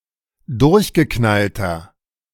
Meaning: 1. comparative degree of durchgeknallt 2. inflection of durchgeknallt: strong/mixed nominative masculine singular 3. inflection of durchgeknallt: strong genitive/dative feminine singular
- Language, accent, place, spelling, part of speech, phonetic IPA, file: German, Germany, Berlin, durchgeknallter, adjective, [ˈdʊʁçɡəˌknaltɐ], De-durchgeknallter.ogg